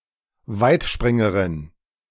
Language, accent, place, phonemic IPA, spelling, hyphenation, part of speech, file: German, Germany, Berlin, /ˈvaɪ̯tˌʃpʁɪŋəʁɪn/, Weitspringerin, Weit‧sprin‧ge‧rin, noun, De-Weitspringerin.ogg
- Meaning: female long jumper